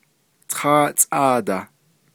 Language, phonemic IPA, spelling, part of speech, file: Navajo, /tʰɑ́ːʔt͡sʼɑ̂ːtɑ̀h/, tááʼtsʼáadah, numeral, Nv-tááʼtsʼáadah.ogg
- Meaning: thirteen